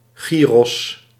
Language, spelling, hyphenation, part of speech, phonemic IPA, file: Dutch, gyros, gy‧ros, noun, /ˈɣiːrɔs/, Nl-gyros.ogg
- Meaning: gyro (Greek sandwich)